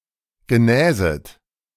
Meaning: second-person plural subjunctive II of genesen
- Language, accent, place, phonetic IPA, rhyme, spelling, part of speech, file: German, Germany, Berlin, [ɡəˈnɛːzət], -ɛːzət, genäset, verb, De-genäset.ogg